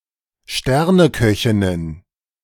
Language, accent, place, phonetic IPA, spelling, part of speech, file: German, Germany, Berlin, [ˈʃtɛʁnəˌkœçɪnən], Sterneköchinnen, noun, De-Sterneköchinnen.ogg
- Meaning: plural of Sterneköchin